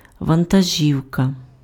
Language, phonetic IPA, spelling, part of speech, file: Ukrainian, [ʋɐntɐˈʒʲiu̯kɐ], вантажівка, noun, Uk-вантажівка.ogg
- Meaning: 1. truck, lorry 2. dump truck